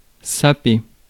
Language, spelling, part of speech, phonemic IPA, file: French, saper, verb, /sa.pe/, Fr-saper.ogg
- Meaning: 1. to sap, do sapping work on (to subvert by digging) 2. to erode, wear down, undermine 3. to dress 4. to eat or chew noisily 5. to slurp 6. to harvest or reap forage or cereals with a small scythe